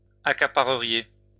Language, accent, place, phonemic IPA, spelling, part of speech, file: French, France, Lyon, /a.ka.pa.ʁə.ʁje/, accapareriez, verb, LL-Q150 (fra)-accapareriez.wav
- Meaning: second-person plural conditional of accaparer